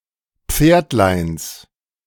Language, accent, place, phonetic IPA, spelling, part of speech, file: German, Germany, Berlin, [ˈp͡feːɐ̯tlaɪ̯ns], Pferdleins, noun, De-Pferdleins.ogg
- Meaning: genitive of Pferdlein